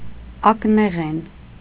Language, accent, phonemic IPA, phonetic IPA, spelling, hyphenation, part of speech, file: Armenian, Eastern Armenian, /ɑkneˈʁen/, [ɑkneʁén], ակնեղեն, ակ‧նե‧ղեն, noun / adjective, Hy-ակնեղեն.ogg
- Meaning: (noun) jewelry, jewels; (adjective) jeweled, gemmed